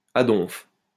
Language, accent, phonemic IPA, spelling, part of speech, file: French, France, /a dɔ̃f/, à donf, adverb, LL-Q150 (fra)-à donf.wav
- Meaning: synonym of à fond